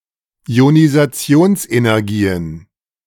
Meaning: plural of Ionisationsenergie
- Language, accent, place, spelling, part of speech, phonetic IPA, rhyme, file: German, Germany, Berlin, Ionisationsenergien, noun, [i̯onizaˈt͡si̯oːnsʔenɛʁˌɡiːən], -oːnsʔenɛʁɡiːən, De-Ionisationsenergien.ogg